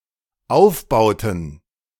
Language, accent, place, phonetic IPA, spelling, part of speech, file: German, Germany, Berlin, [ˈaʊ̯fˌbaʊ̯tn̩], Aufbauten, noun, De-Aufbauten.ogg
- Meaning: plural of Aufbau